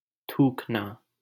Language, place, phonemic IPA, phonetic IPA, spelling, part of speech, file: Hindi, Delhi, /t̪ʰuːk.nɑː/, [t̪ʰuːk.näː], थूकना, verb, LL-Q1568 (hin)-थूकना.wav
- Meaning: 1. to spit 2. to vilify